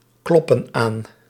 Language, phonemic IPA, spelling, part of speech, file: Dutch, /ˈklɔpə(n) ˈan/, kloppen aan, verb, Nl-kloppen aan.ogg
- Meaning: inflection of aankloppen: 1. plural present indicative 2. plural present subjunctive